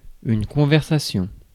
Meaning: conversation
- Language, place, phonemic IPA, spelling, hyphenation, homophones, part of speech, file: French, Paris, /kɔ̃.vɛʁ.sa.sjɔ̃/, conversation, con‧ver‧sa‧tion, conversations, noun, Fr-conversation.ogg